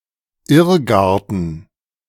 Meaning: maze
- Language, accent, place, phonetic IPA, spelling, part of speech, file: German, Germany, Berlin, [ˈɪʁˌɡaʁtn̩], Irrgarten, noun, De-Irrgarten.ogg